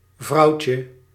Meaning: 1. diminutive of vrouw 2. woman (as a term of address), wifey, lassie 3. the female of a species of animal
- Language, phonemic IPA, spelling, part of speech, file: Dutch, /ˈvrɑucə/, vrouwtje, noun, Nl-vrouwtje.ogg